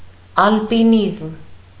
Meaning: mountain climbing, mountaineering, alpinism
- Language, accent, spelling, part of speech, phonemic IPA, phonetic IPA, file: Armenian, Eastern Armenian, ալպինիզմ, noun, /ɑlpiˈnizm/, [ɑlpinízm], Hy-ալպինիզմ.ogg